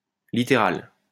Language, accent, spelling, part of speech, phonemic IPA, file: French, France, littéral, adjective, /li.te.ʁal/, LL-Q150 (fra)-littéral.wav
- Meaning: literal